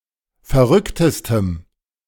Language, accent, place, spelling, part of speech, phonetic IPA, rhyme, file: German, Germany, Berlin, verrücktestem, adjective, [fɛɐ̯ˈʁʏktəstəm], -ʏktəstəm, De-verrücktestem.ogg
- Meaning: strong dative masculine/neuter singular superlative degree of verrückt